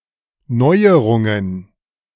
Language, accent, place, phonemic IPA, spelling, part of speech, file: German, Germany, Berlin, /ˈnɔɪ̯əʁʊŋən/, Neuerungen, noun, De-Neuerungen.ogg
- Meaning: plural of Neuerung